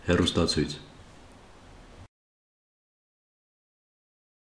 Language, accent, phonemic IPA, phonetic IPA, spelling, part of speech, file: Armenian, Eastern Armenian, /herustɑˈt͡sʰujt͡sʰ/, [herustɑt͡sʰújt͡sʰ], հեռուստացույց, noun, Hy-հեռուստացույց.ogg
- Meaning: television set, TV set